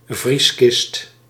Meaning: chest freezer
- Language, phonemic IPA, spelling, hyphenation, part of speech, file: Dutch, /ˈvris.kɪst/, vrieskist, vries‧kist, noun, Nl-vrieskist.ogg